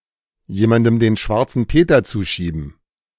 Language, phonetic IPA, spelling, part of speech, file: German, [ˈjeːmandm̩ deːn ˈʃvaʁt͡sn̩ ˈpeːtɐ ˈt͡suːˌʃiːbn̩], jemandem den Schwarzen Peter zuschieben, phrase, De-jemandem den Schwarzen Peter zuschieben.ogg